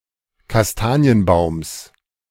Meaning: genitive of Kastanienbaum
- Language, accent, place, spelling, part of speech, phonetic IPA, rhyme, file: German, Germany, Berlin, Kastanienbaums, noun, [kasˈtaːni̯ənˌbaʊ̯ms], -aːni̯ənbaʊ̯ms, De-Kastanienbaums.ogg